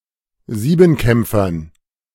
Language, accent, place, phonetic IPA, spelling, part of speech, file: German, Germany, Berlin, [ˈziːbm̩ˌkɛmp͡fɐn], Siebenkämpfern, noun, De-Siebenkämpfern.ogg
- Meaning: dative plural of Siebenkämpfer